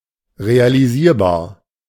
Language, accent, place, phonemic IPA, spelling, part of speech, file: German, Germany, Berlin, /ʁealiˈziːɐ̯baːɐ̯/, realisierbar, adjective, De-realisierbar.ogg
- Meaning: realizable